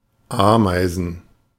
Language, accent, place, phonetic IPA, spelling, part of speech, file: German, Germany, Berlin, [ˈaːmaɪ̯zn̩], Ameisen, noun, De-Ameisen.ogg
- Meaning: plural of Ameise